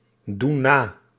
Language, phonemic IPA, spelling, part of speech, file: Dutch, /ˈdun ˈna/, doen na, verb, Nl-doen na.ogg
- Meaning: inflection of nadoen: 1. plural present indicative 2. plural present subjunctive